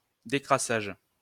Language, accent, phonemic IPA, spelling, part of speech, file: French, France, /de.kʁa.saʒ/, décrassage, noun, LL-Q150 (fra)-décrassage.wav
- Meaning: 1. cleaning up 2. warm-down (after exercise)